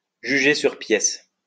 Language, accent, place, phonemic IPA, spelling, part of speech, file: French, France, Lyon, /ʒy.ʒe syʁ pjɛs/, juger sur pièces, verb, LL-Q150 (fra)-juger sur pièces.wav